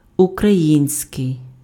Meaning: Ukrainian
- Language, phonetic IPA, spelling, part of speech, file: Ukrainian, [ʊkrɐˈjinʲsʲkei̯], український, adjective, Uk-український.ogg